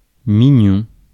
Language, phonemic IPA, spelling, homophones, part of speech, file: French, /mi.ɲɔ̃/, mignon, Mignon, adjective / noun, Fr-mignon.ogg
- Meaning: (adjective) 1. cute (of a baby, an animal, etc.) 2. cute (sexually attractive); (noun) a small pastry